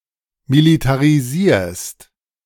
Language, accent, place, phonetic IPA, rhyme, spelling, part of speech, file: German, Germany, Berlin, [militaʁiˈziːɐ̯st], -iːɐ̯st, militarisierst, verb, De-militarisierst.ogg
- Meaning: second-person singular present of militarisieren